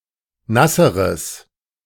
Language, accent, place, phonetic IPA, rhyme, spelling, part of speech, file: German, Germany, Berlin, [ˈnasəʁəs], -asəʁəs, nasseres, adjective, De-nasseres.ogg
- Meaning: strong/mixed nominative/accusative neuter singular comparative degree of nass